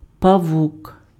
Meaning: 1. spider (arthropod) 2. a straw decoration hung on Christmas based on a spider's web 3. a mean, cunning person 4. a spidery device used to fish out things
- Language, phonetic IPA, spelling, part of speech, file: Ukrainian, [pɐˈwuk], павук, noun, Uk-павук.ogg